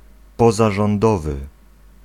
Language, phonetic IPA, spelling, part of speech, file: Polish, [ˌpɔzaʒɔ̃nˈdɔvɨ], pozarządowy, adjective, Pl-pozarządowy.ogg